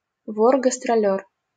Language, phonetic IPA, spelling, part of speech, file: Russian, [ɡəstrɐˈlʲɵr], гастролёр, noun, LL-Q7737 (rus)-гастролёр.wav
- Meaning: 1. performer on tour 2. guest performer 3. frequent job-changer (particularly someone who is dishonest or in search of easy money) 4. criminal operating outside of his or her area of residence